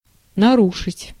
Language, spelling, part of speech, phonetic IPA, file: Russian, нарушить, verb, [nɐˈruʂɨtʲ], Ru-нарушить.ogg
- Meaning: 1. to violate, to break 2. to upset, to disrupt